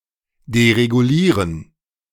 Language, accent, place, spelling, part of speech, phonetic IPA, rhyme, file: German, Germany, Berlin, deregulieren, verb, [deʁeɡuˈliːʁən], -iːʁən, De-deregulieren.ogg
- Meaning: to deregulate